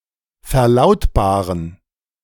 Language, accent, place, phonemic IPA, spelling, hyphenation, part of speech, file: German, Germany, Berlin, /fɛɐ̯ˈlaʊ̯tbaːʁən/, verlautbaren, ver‧laut‧ba‧ren, verb, De-verlautbaren.ogg
- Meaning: to announce, to make public (a decision, stance or internal information)